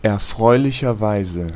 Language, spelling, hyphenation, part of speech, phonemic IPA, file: German, erfreulicherweise, er‧freu‧li‧cher‧wei‧se, adverb, /ɛɐ̯ˈfʁɔɪ̯lɪçɐˌvaɪ̯zə/, De-erfreulicherweise.ogg
- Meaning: happily